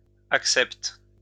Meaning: second-person singular present indicative/subjunctive of accepter
- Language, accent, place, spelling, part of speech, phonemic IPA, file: French, France, Lyon, acceptes, verb, /ak.sɛpt/, LL-Q150 (fra)-acceptes.wav